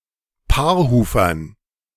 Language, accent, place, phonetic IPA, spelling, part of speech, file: German, Germany, Berlin, [ˈpaːɐ̯ˌhuːfɐn], Paarhufern, noun, De-Paarhufern.ogg
- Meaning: dative plural of Paarhufer